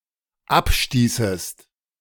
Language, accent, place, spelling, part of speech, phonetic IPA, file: German, Germany, Berlin, abstießest, verb, [ˈapˌʃtiːsəst], De-abstießest.ogg
- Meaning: second-person singular dependent subjunctive II of abstoßen